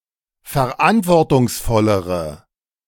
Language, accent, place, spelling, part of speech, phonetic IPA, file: German, Germany, Berlin, verantwortungsvollere, adjective, [fɛɐ̯ˈʔantvɔʁtʊŋsˌfɔləʁə], De-verantwortungsvollere.ogg
- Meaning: inflection of verantwortungsvoll: 1. strong/mixed nominative/accusative feminine singular comparative degree 2. strong nominative/accusative plural comparative degree